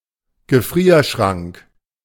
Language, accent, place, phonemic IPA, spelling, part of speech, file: German, Germany, Berlin, /ɡəˈfʁiːɐ̯ˌʃʁaŋk/, Gefrierschrank, noun, De-Gefrierschrank.ogg
- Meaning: freezer (container or room keeping things frozen)